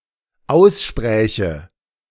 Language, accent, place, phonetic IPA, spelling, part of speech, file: German, Germany, Berlin, [ˈaʊ̯sˌʃpʁɛːçə], ausspräche, verb, De-ausspräche.ogg
- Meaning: first/third-person singular dependent subjunctive II of aussprechen